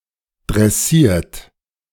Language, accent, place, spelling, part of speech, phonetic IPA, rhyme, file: German, Germany, Berlin, dressiert, verb, [dʁɛˈsiːɐ̯t], -iːɐ̯t, De-dressiert.ogg
- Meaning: 1. past participle of dressieren 2. inflection of dressieren: third-person singular present 3. inflection of dressieren: second-person plural present 4. inflection of dressieren: plural imperative